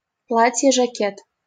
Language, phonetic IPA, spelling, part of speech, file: Russian, [ʐɐˈkʲet], жакет, noun, LL-Q7737 (rus)-жакет.wav
- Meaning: jacket